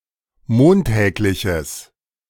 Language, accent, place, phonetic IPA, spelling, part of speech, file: German, Germany, Berlin, [ˈmoːnˌtɛːklɪçəs], montägliches, adjective, De-montägliches.ogg
- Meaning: strong/mixed nominative/accusative neuter singular of montäglich